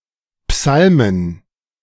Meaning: plural of Psalm "psalms"
- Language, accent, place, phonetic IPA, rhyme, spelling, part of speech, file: German, Germany, Berlin, [ˈpsalmən], -almən, Psalmen, noun, De-Psalmen.ogg